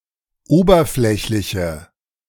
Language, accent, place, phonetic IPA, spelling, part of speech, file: German, Germany, Berlin, [ˈoːbɐˌflɛçlɪçə], oberflächliche, adjective, De-oberflächliche.ogg
- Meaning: inflection of oberflächlich: 1. strong/mixed nominative/accusative feminine singular 2. strong nominative/accusative plural 3. weak nominative all-gender singular